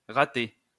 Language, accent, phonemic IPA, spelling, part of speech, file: French, France, /ʁa.te/, raté, adjective / verb / noun, LL-Q150 (fra)-raté.wav
- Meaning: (adjective) 1. failed, screwed up 2. missed; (verb) past participle of rater; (noun) a failure, a washout, a loser